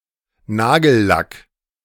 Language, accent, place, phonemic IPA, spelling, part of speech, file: German, Germany, Berlin, /ˈnaːɡəlˌlak/, Nagellack, noun, De-Nagellack.ogg
- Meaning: nail polish, nail varnish